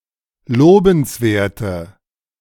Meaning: inflection of lobenswert: 1. strong/mixed nominative/accusative feminine singular 2. strong nominative/accusative plural 3. weak nominative all-gender singular
- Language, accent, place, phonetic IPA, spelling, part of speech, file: German, Germany, Berlin, [ˈloːbn̩sˌveːɐ̯tə], lobenswerte, adjective, De-lobenswerte.ogg